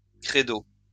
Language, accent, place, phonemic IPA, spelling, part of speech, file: French, France, Lyon, /kʁe.do/, crédo, noun, LL-Q150 (fra)-crédo.wav
- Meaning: creed (that which is believed)